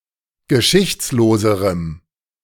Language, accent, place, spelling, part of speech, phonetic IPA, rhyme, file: German, Germany, Berlin, geschichtsloserem, adjective, [ɡəˈʃɪçt͡sloːzəʁəm], -ɪçt͡sloːzəʁəm, De-geschichtsloserem.ogg
- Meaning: strong dative masculine/neuter singular comparative degree of geschichtslos